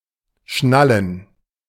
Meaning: 1. to fasten with a clasp 2. to grasp, to comprehend
- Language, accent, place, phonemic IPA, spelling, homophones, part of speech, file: German, Germany, Berlin, /ˈʃnalən/, schnallen, Schnallen, verb, De-schnallen.ogg